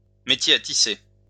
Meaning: loom (weaving frame)
- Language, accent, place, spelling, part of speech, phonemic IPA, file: French, France, Lyon, métier à tisser, noun, /me.tje a ti.se/, LL-Q150 (fra)-métier à tisser.wav